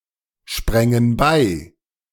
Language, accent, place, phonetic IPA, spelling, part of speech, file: German, Germany, Berlin, [ˌʃpʁɛŋən ˈbaɪ̯], sprängen bei, verb, De-sprängen bei.ogg
- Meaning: first/third-person plural subjunctive II of beispringen